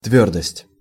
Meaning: 1. solidity 2. hardness 3. firmness, steadfastness
- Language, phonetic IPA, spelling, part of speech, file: Russian, [ˈtvʲɵrdəsʲtʲ], твёрдость, noun, Ru-твёрдость.ogg